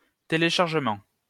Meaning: download
- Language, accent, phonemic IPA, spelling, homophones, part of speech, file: French, France, /te.le.ʃaʁ.ʒə.mɑ̃/, téléchargement, téléchargements, noun, LL-Q150 (fra)-téléchargement.wav